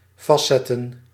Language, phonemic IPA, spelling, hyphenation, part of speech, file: Dutch, /ˈvɑstˌsɛ.tə(n)/, vastzetten, vast‧zet‧ten, verb, Nl-vastzetten.ogg
- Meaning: 1. to fix, to fasten 2. to affix 3. to lock up, to jail